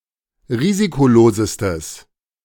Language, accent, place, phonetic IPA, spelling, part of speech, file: German, Germany, Berlin, [ˈʁiːzikoˌloːzəstəs], risikolosestes, adjective, De-risikolosestes.ogg
- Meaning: strong/mixed nominative/accusative neuter singular superlative degree of risikolos